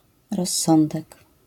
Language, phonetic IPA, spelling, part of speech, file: Polish, [rɔsˈːɔ̃ndɛk], rozsądek, noun, LL-Q809 (pol)-rozsądek.wav